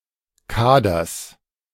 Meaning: genitive singular of Kader
- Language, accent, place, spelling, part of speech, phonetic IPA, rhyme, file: German, Germany, Berlin, Kaders, noun, [ˈkaːdɐs], -aːdɐs, De-Kaders.ogg